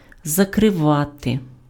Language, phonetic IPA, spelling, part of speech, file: Ukrainian, [zɐkreˈʋate], закривати, verb, Uk-закривати.ogg
- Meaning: 1. to cover 2. to close, to shut 3. to turn off, to shut off (:tap, valve)